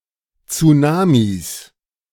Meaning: plural of Tsunami
- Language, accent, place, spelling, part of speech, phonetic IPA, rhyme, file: German, Germany, Berlin, Tsunamis, noun, [t͡suˈnaːmis], -aːmis, De-Tsunamis.ogg